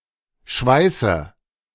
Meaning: inflection of schweißen: 1. first-person singular present 2. first/third-person singular subjunctive I 3. singular imperative
- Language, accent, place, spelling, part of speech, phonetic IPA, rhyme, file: German, Germany, Berlin, schweiße, verb, [ˈʃvaɪ̯sə], -aɪ̯sə, De-schweiße.ogg